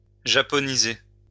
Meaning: to Japanize, to Nipponize (to make or become more Japanese)
- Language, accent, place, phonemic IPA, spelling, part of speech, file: French, France, Lyon, /ʒa.pɔ.ni.ze/, japoniser, verb, LL-Q150 (fra)-japoniser.wav